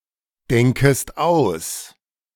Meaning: second-person singular subjunctive I of ausdenken
- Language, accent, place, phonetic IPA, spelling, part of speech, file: German, Germany, Berlin, [ˌdɛŋkəst ˈaʊ̯s], denkest aus, verb, De-denkest aus.ogg